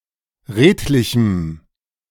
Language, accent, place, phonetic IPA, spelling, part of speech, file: German, Germany, Berlin, [ˈʁeːtlɪçm̩], redlichem, adjective, De-redlichem.ogg
- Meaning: strong dative masculine/neuter singular of redlich